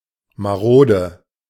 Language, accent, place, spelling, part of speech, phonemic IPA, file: German, Germany, Berlin, marode, adjective, /maˈʁoːdə/, De-marode.ogg
- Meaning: 1. ailing, weak 2. ramshackle, run-down, scruffy